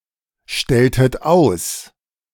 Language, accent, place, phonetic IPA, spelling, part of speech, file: German, Germany, Berlin, [ˌʃtɛltət ˈaʊ̯s], stelltet aus, verb, De-stelltet aus.ogg
- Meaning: inflection of ausstellen: 1. second-person plural preterite 2. second-person plural subjunctive II